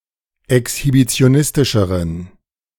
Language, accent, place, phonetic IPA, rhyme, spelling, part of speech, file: German, Germany, Berlin, [ɛkshibit͡si̯oˈnɪstɪʃəʁən], -ɪstɪʃəʁən, exhibitionistischeren, adjective, De-exhibitionistischeren.ogg
- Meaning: inflection of exhibitionistisch: 1. strong genitive masculine/neuter singular comparative degree 2. weak/mixed genitive/dative all-gender singular comparative degree